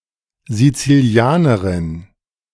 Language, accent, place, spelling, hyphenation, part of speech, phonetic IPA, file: German, Germany, Berlin, Sizilianerin, Si‧zi‧li‧a‧ne‧rin, noun, [zit͡siˈli̯aːnəʁɪn], De-Sizilianerin.ogg
- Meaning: Sicilian (female person from Sicily)